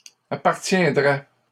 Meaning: first/second-person singular conditional of appartenir
- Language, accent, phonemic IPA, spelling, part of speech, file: French, Canada, /a.paʁ.tjɛ̃.dʁɛ/, appartiendrais, verb, LL-Q150 (fra)-appartiendrais.wav